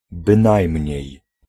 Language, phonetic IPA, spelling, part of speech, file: Polish, [bɨ̃ˈnajmʲɲɛ̇j], bynajmniej, particle / interjection, Pl-bynajmniej.ogg